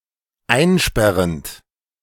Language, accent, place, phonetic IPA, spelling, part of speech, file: German, Germany, Berlin, [ˈaɪ̯nˌʃpɛʁənt], einsperrend, verb, De-einsperrend.ogg
- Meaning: present participle of einsperren